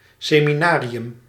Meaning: a seminary
- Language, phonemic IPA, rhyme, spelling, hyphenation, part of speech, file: Dutch, /ˌseː.miˈnaː.ri.ʏm/, -aːriʏm, seminarium, se‧mi‧na‧ri‧um, noun, Nl-seminarium.ogg